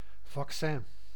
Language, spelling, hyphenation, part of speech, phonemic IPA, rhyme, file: Dutch, vaccin, vac‧cin, noun, /vɑkˈsɛn/, -ɛn, Nl-vaccin.ogg
- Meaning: vaccine